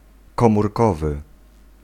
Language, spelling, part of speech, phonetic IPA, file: Polish, komórkowy, adjective, [ˌkɔ̃murˈkɔvɨ], Pl-komórkowy.ogg